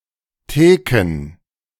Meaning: plural of Theke
- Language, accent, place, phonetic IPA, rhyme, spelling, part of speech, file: German, Germany, Berlin, [ˈteːkn̩], -eːkn̩, Theken, noun, De-Theken.ogg